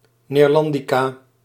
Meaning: a female expert in, or student of, Dutch studies
- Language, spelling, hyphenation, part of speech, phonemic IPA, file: Dutch, neerlandica, neer‧lan‧di‧ca, noun, /ˌneːrˈlɑn.di.kaː/, Nl-neerlandica.ogg